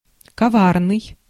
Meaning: guileful, insidious, perfidious, crafty, treacherous, scheming
- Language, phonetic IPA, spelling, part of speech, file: Russian, [kɐˈvarnɨj], коварный, adjective, Ru-коварный.ogg